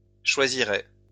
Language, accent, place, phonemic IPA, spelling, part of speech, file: French, France, Lyon, /ʃwa.zi.ʁɛ/, choisiraient, verb, LL-Q150 (fra)-choisiraient.wav
- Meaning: third-person plural conditional of choisir